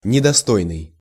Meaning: 1. unworthy (of) 2. unworthy, disreputable, dishonourable/dishonorable, contemptible, unbecoming
- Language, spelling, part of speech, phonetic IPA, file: Russian, недостойный, adjective, [nʲɪdɐˈstojnɨj], Ru-недостойный.ogg